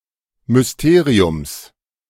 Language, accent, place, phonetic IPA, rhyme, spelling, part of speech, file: German, Germany, Berlin, [mʏsˈteːʁiʊms], -eːʁiʊms, Mysteriums, noun, De-Mysteriums.ogg
- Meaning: genitive of Mysterium